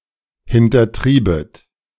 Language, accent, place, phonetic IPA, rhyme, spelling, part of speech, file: German, Germany, Berlin, [hɪntɐˈtʁiːbət], -iːbət, hintertriebet, verb, De-hintertriebet.ogg
- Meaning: second-person plural subjunctive II of hintertreiben